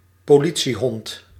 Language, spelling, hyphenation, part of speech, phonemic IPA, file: Dutch, politiehond, po‧li‧tie‧hond, noun, /poːˈli.(t)siˌɦɔnt/, Nl-politiehond.ogg
- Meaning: a police dog